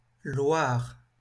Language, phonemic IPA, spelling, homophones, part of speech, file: French, /lwaʁ/, Loire, loir / loirs, proper noun, LL-Q150 (fra)-Loire.wav